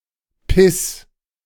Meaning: 1. singular imperative of pissen 2. first-person singular present of pissen
- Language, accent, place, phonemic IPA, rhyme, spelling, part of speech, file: German, Germany, Berlin, /pɪs/, -ɪs, piss, verb, De-piss.ogg